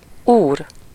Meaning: 1. master (someone who has control over something or someone) 2. Lord 3. gentleman 4. sir, gentleman (term of address) 5. Mr, Mr. (or omitted in English) 6. husband
- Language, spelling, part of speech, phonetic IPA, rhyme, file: Hungarian, úr, noun, [ˈuːr], -uːr, Hu-úr.ogg